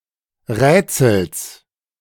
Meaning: genitive singular of Rätsel
- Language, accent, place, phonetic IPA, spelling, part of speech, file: German, Germany, Berlin, [ˈʁɛːt͡sl̩s], Rätsels, noun, De-Rätsels.ogg